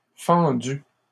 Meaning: masculine plural of fendu
- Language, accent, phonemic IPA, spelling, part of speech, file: French, Canada, /fɑ̃.dy/, fendus, verb, LL-Q150 (fra)-fendus.wav